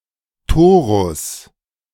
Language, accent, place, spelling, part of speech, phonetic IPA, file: German, Germany, Berlin, Torus, noun, [ˈtoːʁʊs], De-Torus.ogg
- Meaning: torus (shape)